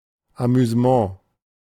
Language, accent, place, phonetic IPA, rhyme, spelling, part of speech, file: German, Germany, Berlin, [amyzəˈmɑ̃ː], -ɑ̃ː, Amüsement, noun, De-Amüsement.ogg
- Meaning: amusement